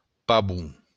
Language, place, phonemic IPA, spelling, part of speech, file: Occitan, Béarn, /paˈβu/, pavon, noun, LL-Q14185 (oci)-pavon.wav
- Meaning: peacock